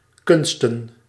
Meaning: plural of kunst
- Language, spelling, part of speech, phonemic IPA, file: Dutch, kunsten, noun, /ˈkʏnstən/, Nl-kunsten.ogg